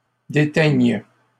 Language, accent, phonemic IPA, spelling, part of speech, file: French, Canada, /de.tɛɲ/, déteigne, verb, LL-Q150 (fra)-déteigne.wav
- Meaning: first/third-person singular present subjunctive of déteindre